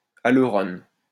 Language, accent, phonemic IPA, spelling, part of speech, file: French, France, /a.lœ.ʁɔn/, aleurone, noun, LL-Q150 (fra)-aleurone.wav
- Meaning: aleurone